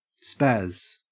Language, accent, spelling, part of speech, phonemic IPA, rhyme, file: English, Australia, spaz, noun / verb, /spæz/, -æz, En-au-spaz.ogg
- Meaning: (noun) 1. An incompetent or physically uncoordinated person; a spazmo 2. A hyperactive, erratically behaving person 3. A tantrum or fit